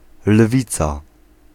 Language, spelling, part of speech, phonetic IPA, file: Polish, lwica, noun, [ˈlvʲit͡sa], Pl-lwica.ogg